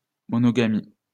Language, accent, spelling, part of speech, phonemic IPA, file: French, France, monomanie, noun, /mɔ.nɔ.ma.ni/, LL-Q150 (fra)-monomanie.wav
- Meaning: monomania